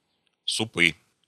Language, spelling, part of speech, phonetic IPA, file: Russian, супы, noun, [sʊˈpɨ], Ru-супы.ogg
- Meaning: nominative/accusative plural of суп (sup)